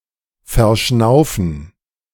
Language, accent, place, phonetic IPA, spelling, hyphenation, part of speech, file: German, Germany, Berlin, [fɛɐ̯ˈʃnaʊ̯fn̩], verschnaufen, ver‧schnau‧fen, verb, De-verschnaufen.ogg
- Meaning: to catch one's breath